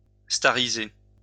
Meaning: to make [somebody] a star
- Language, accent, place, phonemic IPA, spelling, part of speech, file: French, France, Lyon, /sta.ʁi.ze/, stariser, verb, LL-Q150 (fra)-stariser.wav